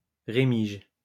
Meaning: remex (feather)
- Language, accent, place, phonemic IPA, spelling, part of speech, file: French, France, Lyon, /ʁe.miʒ/, rémige, noun, LL-Q150 (fra)-rémige.wav